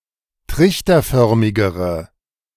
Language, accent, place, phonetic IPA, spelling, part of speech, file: German, Germany, Berlin, [ˈtʁɪçtɐˌfœʁmɪɡəʁə], trichterförmigere, adjective, De-trichterförmigere.ogg
- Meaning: inflection of trichterförmig: 1. strong/mixed nominative/accusative feminine singular comparative degree 2. strong nominative/accusative plural comparative degree